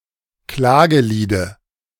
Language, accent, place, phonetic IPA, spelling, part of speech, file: German, Germany, Berlin, [ˈklaːɡəˌliːdə], Klageliede, noun, De-Klageliede.ogg
- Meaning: dative singular of Klagelied